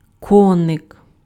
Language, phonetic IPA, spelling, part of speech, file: Ukrainian, [ˈkɔnek], коник, noun, Uk-коник.ogg
- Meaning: 1. diminutive of кінь (kinʹ): (little) horse, horsy 2. horse (toy) 3. grasshopper (insect) 4. hobby, fad, soapbox, favourite subject